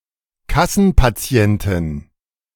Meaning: female equivalent of Kassenpatient
- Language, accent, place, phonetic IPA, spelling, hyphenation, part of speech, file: German, Germany, Berlin, [ˈkasn̩paˌt͡si̯ɛntɪn], Kassenpatientin, Kas‧sen‧pa‧ti‧en‧tin, noun, De-Kassenpatientin.ogg